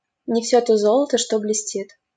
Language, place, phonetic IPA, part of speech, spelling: Russian, Saint Petersburg, [nʲɪ‿ˈfsʲɵ to ˈzoɫətə | ʂto blʲɪˈsʲtʲit], proverb, не всё то золото, что блестит
- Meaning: all that glitters is not gold